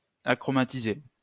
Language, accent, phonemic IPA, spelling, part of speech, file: French, France, /a.kʁɔ.ma.ti.ze/, achromatiser, verb, LL-Q150 (fra)-achromatiser.wav
- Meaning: to achromatize